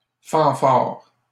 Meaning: 1. fanfare 2. marching band
- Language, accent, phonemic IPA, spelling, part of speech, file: French, Canada, /fɑ̃.faʁ/, fanfare, noun, LL-Q150 (fra)-fanfare.wav